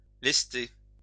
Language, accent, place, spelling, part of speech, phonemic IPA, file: French, France, Lyon, lester, verb, /lɛs.te/, LL-Q150 (fra)-lester.wav
- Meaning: to ballast